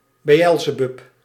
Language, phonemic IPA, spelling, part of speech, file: Dutch, /beˈʔɛlzəˌbʏp/, Beëlzebub, proper noun, Nl-Beëlzebub.ogg
- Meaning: Beelzebub (demon)